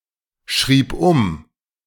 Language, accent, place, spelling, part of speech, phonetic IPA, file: German, Germany, Berlin, schrieb um, verb, [ˌʃʁiːp ˈʊm], De-schrieb um.ogg
- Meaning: first/third-person singular preterite of umschreiben